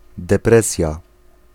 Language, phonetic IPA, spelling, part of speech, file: Polish, [dɛˈprɛsʲja], depresja, noun, Pl-depresja.ogg